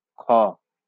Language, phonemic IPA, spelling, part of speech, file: Bengali, /kʰɔ/, খ, character, LL-Q9610 (ben)-খ.wav
- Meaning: The 13th character in the Bengali abugida